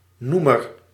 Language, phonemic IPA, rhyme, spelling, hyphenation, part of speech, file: Dutch, /ˈnumər/, -umər, noemer, noe‧mer, noun, Nl-noemer.ogg
- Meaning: 1. the denominator, the number or expression written below the line in a fraction, by which the numerator above is to be divided 2. a term, moniker, name 3. a word in the nominative case